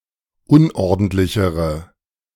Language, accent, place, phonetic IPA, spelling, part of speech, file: German, Germany, Berlin, [ˈʊnʔɔʁdn̩tlɪçəʁə], unordentlichere, adjective, De-unordentlichere.ogg
- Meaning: inflection of unordentlich: 1. strong/mixed nominative/accusative feminine singular comparative degree 2. strong nominative/accusative plural comparative degree